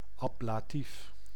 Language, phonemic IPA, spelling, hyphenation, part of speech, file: Dutch, /ˈɑ.blaːˌtif/, ablatief, ab‧la‧tief, noun, Nl-ablatief.ogg
- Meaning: ablative case